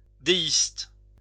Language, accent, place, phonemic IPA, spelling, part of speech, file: French, France, Lyon, /de.ist/, déiste, adjective / noun, LL-Q150 (fra)-déiste.wav
- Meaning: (adjective) deist